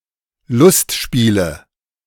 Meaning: nominative/accusative/genitive plural of Lustspiel
- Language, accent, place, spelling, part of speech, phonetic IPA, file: German, Germany, Berlin, Lustspiele, noun, [ˈlʊstˌʃpiːlə], De-Lustspiele.ogg